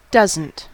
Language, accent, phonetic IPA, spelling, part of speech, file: English, US, [ˈdʌz.n̩t], doesn't, verb, En-us-doesn't.ogg
- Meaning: 1. Does not (negative auxiliary) 2. Dost not